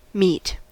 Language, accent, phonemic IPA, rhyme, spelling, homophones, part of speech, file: English, US, /miːt/, -iːt, mete, meat / meet, verb / noun / adjective, En-us-mete.ogg
- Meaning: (verb) To dispense, measure in order to dispense, allot (especially punishment, reward etc.); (noun) A boundary or other limit; a boundary-marker; mere